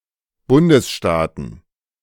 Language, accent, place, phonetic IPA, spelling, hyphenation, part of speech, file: German, Germany, Berlin, [ˈbʊndəsˌʃtaːtn̩], Bundesstaaten, Bun‧des‧staa‧ten, noun, De-Bundesstaaten.ogg
- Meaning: plural of Bundesstaat